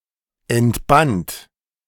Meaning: first/third-person singular preterite of entbinden
- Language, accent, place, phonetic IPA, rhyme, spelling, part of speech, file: German, Germany, Berlin, [ɛntˈbant], -ant, entband, verb, De-entband.ogg